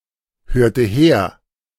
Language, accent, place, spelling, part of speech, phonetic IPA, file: German, Germany, Berlin, hörte her, verb, [ˌhøːɐ̯tə ˈheːɐ̯], De-hörte her.ogg
- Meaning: inflection of herhören: 1. first/third-person singular preterite 2. first/third-person singular subjunctive II